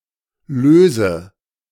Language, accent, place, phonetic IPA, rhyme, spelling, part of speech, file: German, Germany, Berlin, [ˈløːzə], -øːzə, löse, verb, De-löse.ogg
- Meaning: inflection of lösen: 1. first-person singular present 2. first/third-person singular subjunctive I 3. singular imperative